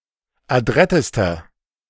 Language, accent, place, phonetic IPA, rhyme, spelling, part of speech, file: German, Germany, Berlin, [aˈdʁɛtəstɐ], -ɛtəstɐ, adrettester, adjective, De-adrettester.ogg
- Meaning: inflection of adrett: 1. strong/mixed nominative masculine singular superlative degree 2. strong genitive/dative feminine singular superlative degree 3. strong genitive plural superlative degree